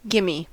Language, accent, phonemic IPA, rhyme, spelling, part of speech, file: English, US, /ˈɡɪmiː/, -ɪmi, gimme, contraction / noun, En-us-gimme.ogg
- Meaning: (contraction) Give me; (noun) That which is easy to perform or obtain, especially in sports